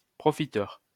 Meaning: 1. profiteer 2. scrounger; freeloader; welfare parasite
- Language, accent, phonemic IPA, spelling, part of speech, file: French, France, /pʁɔ.fi.tœʁ/, profiteur, noun, LL-Q150 (fra)-profiteur.wav